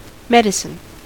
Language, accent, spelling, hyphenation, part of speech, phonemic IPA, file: English, General American, medicine, me‧di‧cine, noun / verb, /ˈmɛd.ɪ.sɪn/, En-us-medicine.ogg
- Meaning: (noun) 1. A substance which specifically promotes healing when ingested or consumed in some way; a pharmaceutical drug 2. Any treatment or cure